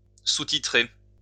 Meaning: to subtitle
- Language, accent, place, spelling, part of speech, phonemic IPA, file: French, France, Lyon, sous-titrer, verb, /su.ti.tʁe/, LL-Q150 (fra)-sous-titrer.wav